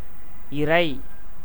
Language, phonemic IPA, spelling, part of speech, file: Tamil, /ɪɾɐɪ̯/, இரை, noun / verb, Ta-இரை.ogg
- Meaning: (noun) 1. bait, prey, food of birds, beasts, and wild animals, especially carnivores 2. food eaten; nutriment 3. intestinal worm, as interfering with digestion